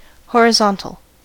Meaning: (adjective) 1. Perpendicular to the vertical; parallel to the plane of the horizon; level, flat 2. Relating to horizontal markets 3. Pertaining to the horizon
- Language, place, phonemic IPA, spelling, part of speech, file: English, California, /ˌhoɹəˈzɑn.təl/, horizontal, adjective / noun, En-us-horizontal.ogg